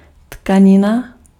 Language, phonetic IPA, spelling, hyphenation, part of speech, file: Czech, [ˈtkaɲɪna], tkanina, tka‧ni‧na, noun, Cs-tkanina.ogg
- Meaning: fabric, cloth, textile